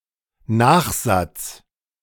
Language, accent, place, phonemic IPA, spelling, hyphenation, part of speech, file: German, Germany, Berlin, /ˈnaːxˌzat͡s/, Nachsatz, Nach‧satz, noun, De-Nachsatz.ogg
- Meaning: postscript